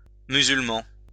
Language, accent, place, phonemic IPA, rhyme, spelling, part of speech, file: French, France, Lyon, /my.zyl.mɑ̃/, -ɑ̃, musulman, noun / adjective, LL-Q150 (fra)-musulman.wav
- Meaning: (noun) Muslim